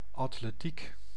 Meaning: athletics: only in the sense of track and field, not sports in general
- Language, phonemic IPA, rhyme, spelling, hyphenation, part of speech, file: Dutch, /ˌɑt.leːˈtik/, -ik, atletiek, at‧le‧tiek, noun, Nl-atletiek.ogg